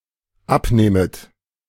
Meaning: second-person plural dependent subjunctive I of abnehmen
- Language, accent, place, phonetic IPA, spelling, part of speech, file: German, Germany, Berlin, [ˈapˌneːmət], abnehmet, verb, De-abnehmet.ogg